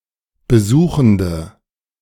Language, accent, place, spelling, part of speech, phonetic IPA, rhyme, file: German, Germany, Berlin, besuchende, adjective, [bəˈzuːxn̩də], -uːxn̩də, De-besuchende.ogg
- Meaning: inflection of besuchend: 1. strong/mixed nominative/accusative feminine singular 2. strong nominative/accusative plural 3. weak nominative all-gender singular